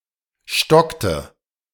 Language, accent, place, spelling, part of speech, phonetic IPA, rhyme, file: German, Germany, Berlin, stockte, verb, [ˈʃtɔktə], -ɔktə, De-stockte.ogg
- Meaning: inflection of stocken: 1. first/third-person singular preterite 2. first/third-person singular subjunctive II